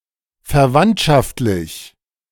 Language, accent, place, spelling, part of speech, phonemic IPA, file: German, Germany, Berlin, verwandtschaftlich, adjective, /fɛɐ̯ˈvantʃaftlɪç/, De-verwandtschaftlich.ogg
- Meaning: kinship or family